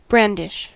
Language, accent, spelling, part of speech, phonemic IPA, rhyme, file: English, US, brandish, verb / noun, /ˈbɹændɪʃ/, -ændɪʃ, En-us-brandish.ogg
- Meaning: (verb) 1. To move or swing a weapon back and forth, particularly if demonstrating anger, threat or skill 2. To bear something with ostentatious show; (noun) The act of flourishing or waving